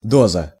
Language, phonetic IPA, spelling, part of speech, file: Russian, [ˈdozə], доза, noun, Ru-доза.ogg
- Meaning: dose, draught